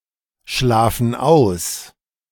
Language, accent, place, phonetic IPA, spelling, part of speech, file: German, Germany, Berlin, [ˌʃlaːfn̩ ˈaʊ̯s], schlafen aus, verb, De-schlafen aus.ogg
- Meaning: inflection of ausschlafen: 1. first/third-person plural present 2. first/third-person plural subjunctive I